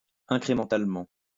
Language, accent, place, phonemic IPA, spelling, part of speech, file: French, France, Lyon, /ɛ̃.kʁe.mɑ̃.tal.mɑ̃/, incrémentalement, adverb, LL-Q150 (fra)-incrémentalement.wav
- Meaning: incrementally